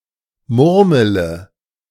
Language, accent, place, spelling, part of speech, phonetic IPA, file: German, Germany, Berlin, murmele, verb, [ˈmʊʁmələ], De-murmele.ogg
- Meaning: inflection of murmeln: 1. first-person singular present 2. singular imperative 3. first/third-person singular subjunctive I